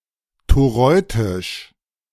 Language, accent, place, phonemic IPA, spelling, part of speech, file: German, Germany, Berlin, /toˈʁɔɪ̯tɪʃ/, toreutisch, adjective, De-toreutisch.ogg
- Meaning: toreutic